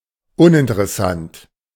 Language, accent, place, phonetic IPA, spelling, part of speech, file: German, Germany, Berlin, [ˈʊnʔɪntəʁɛˌsant], uninteressant, adjective, De-uninteressant.ogg
- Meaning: uninteresting